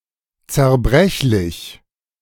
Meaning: breakable, fragile
- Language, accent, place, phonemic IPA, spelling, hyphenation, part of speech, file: German, Germany, Berlin, /t͡sɛʁˈbʁɛçlɪç/, zerbrechlich, zer‧brech‧lich, adjective, De-zerbrechlich.ogg